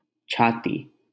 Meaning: 1. chest 2. breast, bosom 3. heart
- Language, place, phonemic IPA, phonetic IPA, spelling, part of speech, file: Hindi, Delhi, /t͡ʃʰɑː.t̪iː/, [t͡ʃʰäː.t̪iː], छाती, noun, LL-Q1568 (hin)-छाती.wav